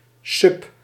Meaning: submarine, sub
- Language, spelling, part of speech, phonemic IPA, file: Dutch, sub, noun / preposition, /sʏp/, Nl-sub.ogg